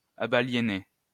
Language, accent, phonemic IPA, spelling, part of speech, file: French, France, /a.ba.lje.nje/, abaliéniez, verb, LL-Q150 (fra)-abaliéniez.wav
- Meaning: inflection of abaliéner: 1. second-person plural imperfect indicative 2. second-person plural present subjunctive